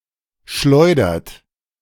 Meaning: inflection of schleudern: 1. third-person singular present 2. second-person plural present 3. plural imperative
- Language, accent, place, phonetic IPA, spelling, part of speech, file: German, Germany, Berlin, [ˈʃlɔɪ̯dɐt], schleudert, verb, De-schleudert.ogg